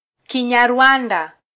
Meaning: The Kinyarwanda language
- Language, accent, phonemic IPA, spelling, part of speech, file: Swahili, Kenya, /ki.ɲɑˈɾʷɑ.ⁿdɑ/, Kinyarwanda, noun, Sw-ke-Kinyarwanda.flac